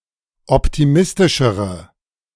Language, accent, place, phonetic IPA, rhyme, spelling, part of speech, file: German, Germany, Berlin, [ˌɔptiˈmɪstɪʃəʁə], -ɪstɪʃəʁə, optimistischere, adjective, De-optimistischere.ogg
- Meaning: inflection of optimistisch: 1. strong/mixed nominative/accusative feminine singular comparative degree 2. strong nominative/accusative plural comparative degree